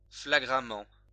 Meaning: blatantly
- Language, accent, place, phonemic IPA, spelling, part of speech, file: French, France, Lyon, /fla.ɡʁa.mɑ̃/, flagramment, adverb, LL-Q150 (fra)-flagramment.wav